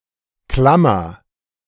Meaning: 1. clamp 2. bracket, parenthesis, {}, [], () and the like characters 3. braces
- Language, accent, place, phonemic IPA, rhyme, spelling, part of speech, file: German, Germany, Berlin, /ˈklamɐ/, -amɐ, Klammer, noun, De-Klammer.ogg